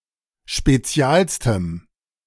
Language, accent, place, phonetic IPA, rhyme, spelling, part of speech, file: German, Germany, Berlin, [ʃpeˈt͡si̯aːlstəm], -aːlstəm, spezialstem, adjective, De-spezialstem.ogg
- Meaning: strong dative masculine/neuter singular superlative degree of spezial